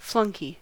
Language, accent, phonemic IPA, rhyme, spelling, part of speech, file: English, US, /ˈflʌŋki/, -ʌŋki, flunkey, noun, En-us-flunkey.ogg
- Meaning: 1. An underling; a liveried servant or a footman; servant, retainer – a person working in the service of another (especially in the household) 2. An unpleasant, snobby or cringeworthy person